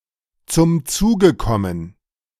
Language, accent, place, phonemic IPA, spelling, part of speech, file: German, Germany, Berlin, /t͡sʊm ˈt͡suːɡə ˈkɔmən/, zum Zuge kommen, verb, De-zum Zuge kommen.ogg
- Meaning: to (be able to) come into play, be involved